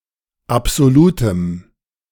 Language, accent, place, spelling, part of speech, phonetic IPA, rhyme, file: German, Germany, Berlin, absolutem, adjective, [apz̥oˈluːtəm], -uːtəm, De-absolutem.ogg
- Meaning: strong dative masculine/neuter singular of absolut